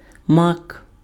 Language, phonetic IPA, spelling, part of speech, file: Ukrainian, [mak], мак, noun, Uk-мак.ogg
- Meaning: 1. poppy 2. poppy seeds 3. alternative letter-case form of Мак (Mak, “McDonald's”)